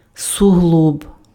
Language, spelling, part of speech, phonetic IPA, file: Ukrainian, суглоб, noun, [sʊˈɦɫɔb], Uk-суглоб.ogg
- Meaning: joint (between bones)